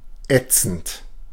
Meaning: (verb) present participle of ätzen; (adjective) 1. corrosive, caustic, acrid, searing 2. scathing, caustic 3. (very) annoying, insufferable
- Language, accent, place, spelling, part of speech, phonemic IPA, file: German, Germany, Berlin, ätzend, verb / adjective, /ˈɛtsənd/, De-ätzend.ogg